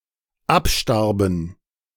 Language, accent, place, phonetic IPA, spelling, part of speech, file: German, Germany, Berlin, [ˈapˌʃtaʁbn̩], abstarben, verb, De-abstarben.ogg
- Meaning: first/third-person plural dependent preterite of absterben